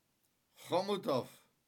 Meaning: a city in Ústí nad Labem, Czech Republic located in northwestern Bohemia
- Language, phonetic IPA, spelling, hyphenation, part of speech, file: Czech, [ˈxomutof], Chomutov, Cho‧mu‧tov, proper noun, Cs-Chomutov.ogg